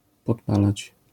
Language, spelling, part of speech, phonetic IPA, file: Polish, podpalać, verb, [pɔtˈpalat͡ɕ], LL-Q809 (pol)-podpalać.wav